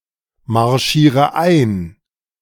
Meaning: inflection of einmarschieren: 1. first-person singular present 2. first/third-person singular subjunctive I 3. singular imperative
- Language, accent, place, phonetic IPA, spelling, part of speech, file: German, Germany, Berlin, [maʁˌʃiːʁə ˈaɪ̯n], marschiere ein, verb, De-marschiere ein.ogg